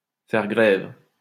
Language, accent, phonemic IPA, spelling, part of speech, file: French, France, /fɛʁ ɡʁɛv/, faire grève, verb, LL-Q150 (fra)-faire grève.wav
- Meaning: to strike; to be on strike